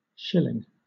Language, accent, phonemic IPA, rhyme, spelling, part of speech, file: English, Southern England, /ˈʃɪlɪŋ/, -ɪlɪŋ, schilling, noun, LL-Q1860 (eng)-schilling.wav
- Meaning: The old currency of Austria, divided into 100 groschen